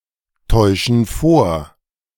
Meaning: inflection of vortäuschen: 1. first/third-person plural present 2. first/third-person plural subjunctive I
- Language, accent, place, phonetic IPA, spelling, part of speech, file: German, Germany, Berlin, [ˌtɔɪ̯ʃn̩ ˈfoːɐ̯], täuschen vor, verb, De-täuschen vor.ogg